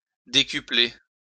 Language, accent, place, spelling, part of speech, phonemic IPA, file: French, France, Lyon, décupler, verb, /de.ky.ple/, LL-Q150 (fra)-décupler.wav
- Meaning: to render or become ten times bigger